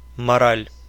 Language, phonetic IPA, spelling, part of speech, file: Russian, [mɐˈralʲ], мораль, noun, Ru-мора́ль.ogg
- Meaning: 1. morals; morality 2. lecturing, reprimanding, telling someone off 3. mental, morale